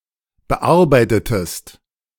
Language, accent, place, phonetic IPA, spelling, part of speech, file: German, Germany, Berlin, [bəˈʔaʁbaɪ̯tətəst], bearbeitetest, verb, De-bearbeitetest.ogg
- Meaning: inflection of bearbeiten: 1. second-person singular preterite 2. second-person singular subjunctive II